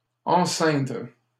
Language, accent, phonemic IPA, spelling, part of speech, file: French, Canada, /ɑ̃.sɛ̃dʁ/, enceindre, verb, LL-Q150 (fra)-enceindre.wav
- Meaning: to surround